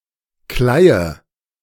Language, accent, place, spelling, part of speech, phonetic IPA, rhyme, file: German, Germany, Berlin, Kleie, noun, [ˈklaɪ̯ə], -aɪ̯ə, De-Kleie.ogg
- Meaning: bran